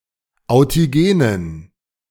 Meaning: inflection of authigen: 1. strong genitive masculine/neuter singular 2. weak/mixed genitive/dative all-gender singular 3. strong/weak/mixed accusative masculine singular 4. strong dative plural
- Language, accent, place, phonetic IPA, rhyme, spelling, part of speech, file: German, Germany, Berlin, [aʊ̯tiˈɡeːnən], -eːnən, authigenen, adjective, De-authigenen.ogg